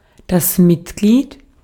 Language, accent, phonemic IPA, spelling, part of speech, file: German, Austria, /ˈmɪtˌɡliːt/, Mitglied, noun, De-at-Mitglied.ogg
- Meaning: member